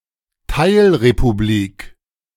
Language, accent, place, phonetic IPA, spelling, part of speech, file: German, Germany, Berlin, [ˈtaɪ̯lʁepuˌbliːk], Teilrepublik, noun, De-Teilrepublik.ogg
- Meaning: 1. constituent republic or member state (of a federal state that is a republic or a union of republics, such as the former Soviet Union) 2. autonomous republic (within a larger state)